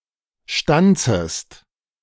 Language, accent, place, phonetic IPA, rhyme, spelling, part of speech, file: German, Germany, Berlin, [ˈʃtant͡səst], -ant͡səst, stanzest, verb, De-stanzest.ogg
- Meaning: second-person singular subjunctive I of stanzen